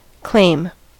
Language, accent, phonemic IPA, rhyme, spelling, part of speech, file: English, US, /kleɪm/, -eɪm, claim, noun / verb, En-us-claim.ogg
- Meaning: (noun) 1. A demand of ownership made for something 2. The thing claimed 3. The right or ground of demanding